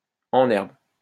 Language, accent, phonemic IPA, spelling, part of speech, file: French, France, /ɑ̃.n‿ɛʁb/, en herbe, adjective, LL-Q150 (fra)-en herbe.wav
- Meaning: budding, in the making